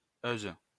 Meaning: 1. female equivalent of -eur 2. feminine singular of -eux
- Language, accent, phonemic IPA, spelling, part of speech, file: French, France, /øz/, -euse, suffix, LL-Q150 (fra)--euse.wav